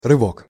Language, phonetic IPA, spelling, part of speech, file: Russian, [rɨˈvok], рывок, noun, Ru-рывок.ogg
- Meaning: 1. jerk (quick, often unpleasant tug or shake) 2. dash, burst, spurt 3. leap (a leap in technological development) 4. snatch (Olympic (weightlifting) discipline)